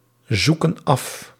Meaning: inflection of afzoeken: 1. plural present indicative 2. plural present subjunctive
- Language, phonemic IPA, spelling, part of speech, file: Dutch, /ˈzukə(n) ˈɑf/, zoeken af, verb, Nl-zoeken af.ogg